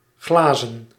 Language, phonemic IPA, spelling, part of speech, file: Dutch, /ˈɣlaː.zə(n)/, glazen, adjective / verb / noun, Nl-glazen.ogg
- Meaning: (adjective) 1. made of glass 2. glassy, resembling glass; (verb) 1. to glaze, make look like glass 2. to polish; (noun) plural of glas